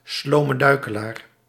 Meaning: a slow-witted person, dullard, dolt
- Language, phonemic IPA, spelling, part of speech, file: Dutch, /ˌsloː.mə ˈdœy̯.kə.laːr/, slome duikelaar, noun, Nl-slome duikelaar.ogg